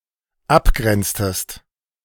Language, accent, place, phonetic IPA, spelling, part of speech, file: German, Germany, Berlin, [ˈapˌɡʁɛnt͡stəst], abgrenztest, verb, De-abgrenztest.ogg
- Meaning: inflection of abgrenzen: 1. second-person singular dependent preterite 2. second-person singular dependent subjunctive II